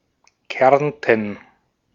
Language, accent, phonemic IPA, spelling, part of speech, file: German, Austria, /ˈkɛrntən/, Kärnten, proper noun, De-at-Kärnten.ogg
- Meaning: Carinthia (a former duchy and historical region of Central Europe, now split politically between Austria and Slovenia): Carinthia (the southernmost state of Austria)